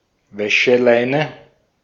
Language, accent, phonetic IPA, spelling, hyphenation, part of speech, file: German, Austria, [ˈvɛʃəˌlaɪ̯nə], Wäscheleine, Wä‧sche‧lei‧ne, noun, De-at-Wäscheleine.ogg
- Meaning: clothesline